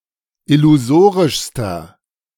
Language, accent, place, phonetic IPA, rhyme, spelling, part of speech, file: German, Germany, Berlin, [ɪluˈzoːʁɪʃstɐ], -oːʁɪʃstɐ, illusorischster, adjective, De-illusorischster.ogg
- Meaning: inflection of illusorisch: 1. strong/mixed nominative masculine singular superlative degree 2. strong genitive/dative feminine singular superlative degree 3. strong genitive plural superlative degree